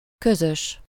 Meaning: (adjective) common, joint, shared, collective, communal; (noun) 1. cooperative (farmers’ agricultural cooperative farm) 2. common/public property (something that is owned jointly)
- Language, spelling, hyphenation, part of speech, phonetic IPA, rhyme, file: Hungarian, közös, kö‧zös, adjective / noun, [ˈkøzøʃ], -øʃ, Hu-közös.ogg